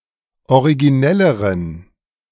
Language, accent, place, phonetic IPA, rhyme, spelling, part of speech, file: German, Germany, Berlin, [oʁiɡiˈnɛləʁəm], -ɛləʁəm, originellerem, adjective, De-originellerem.ogg
- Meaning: strong dative masculine/neuter singular comparative degree of originell